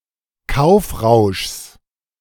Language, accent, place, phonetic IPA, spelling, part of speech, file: German, Germany, Berlin, [ˈkaʊ̯fˌʁaʊ̯ʃs], Kaufrauschs, noun, De-Kaufrauschs.ogg
- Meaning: genitive singular of Kaufrausch